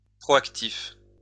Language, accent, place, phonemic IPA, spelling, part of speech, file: French, France, Lyon, /pʁɔ.ak.tif/, proactif, adjective, LL-Q150 (fra)-proactif.wav
- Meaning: proactive (acting in advance to deal with an expected change or difficulty)